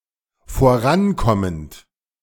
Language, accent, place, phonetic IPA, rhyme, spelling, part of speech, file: German, Germany, Berlin, [foˈʁanˌkɔmənt], -ankɔmənt, vorankommend, verb, De-vorankommend.ogg
- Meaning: present participle of vorankommen